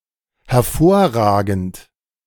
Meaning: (verb) present participle of hervorragen; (adjective) 1. outstanding, superb 2. paramount, eminent
- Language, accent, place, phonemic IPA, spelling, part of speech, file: German, Germany, Berlin, /hɛɐˈfoːɐraːɡənt/, hervorragend, verb / adjective, De-hervorragend.ogg